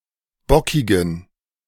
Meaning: inflection of bockig: 1. strong genitive masculine/neuter singular 2. weak/mixed genitive/dative all-gender singular 3. strong/weak/mixed accusative masculine singular 4. strong dative plural
- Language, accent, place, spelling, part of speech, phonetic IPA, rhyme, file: German, Germany, Berlin, bockigen, adjective, [ˈbɔkɪɡn̩], -ɔkɪɡn̩, De-bockigen.ogg